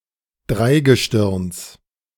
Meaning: genitive singular of Dreigestirn
- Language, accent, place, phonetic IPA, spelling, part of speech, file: German, Germany, Berlin, [ˈdʁaɪ̯ɡəˌʃtɪʁns], Dreigestirns, noun, De-Dreigestirns.ogg